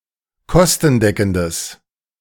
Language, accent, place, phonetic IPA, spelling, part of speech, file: German, Germany, Berlin, [ˈkɔstn̩ˌdɛkn̩dəs], kostendeckendes, adjective, De-kostendeckendes.ogg
- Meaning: strong/mixed nominative/accusative neuter singular of kostendeckend